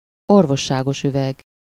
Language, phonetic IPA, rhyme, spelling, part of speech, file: Hungarian, [ˈorvoʃːaːɡoʃyvɛɡ], -ɛɡ, orvosságosüveg, noun, Hu-orvosságosüveg.ogg
- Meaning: medicine flask, medicine bottle